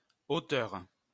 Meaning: female equivalent of auteur
- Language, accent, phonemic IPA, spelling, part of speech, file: French, France, /o.tœʁ/, auteure, noun, LL-Q150 (fra)-auteure.wav